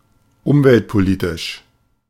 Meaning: environmental politics
- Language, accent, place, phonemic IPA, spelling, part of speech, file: German, Germany, Berlin, /ˈʊmvɛltpoˌliːtɪʃ/, umweltpolitisch, adjective, De-umweltpolitisch.ogg